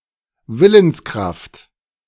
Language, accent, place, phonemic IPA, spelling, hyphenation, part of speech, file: German, Germany, Berlin, /ˈvɪlənsˌkʁaft/, Willenskraft, Wil‧lens‧kraft, noun, De-Willenskraft.ogg
- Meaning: willpower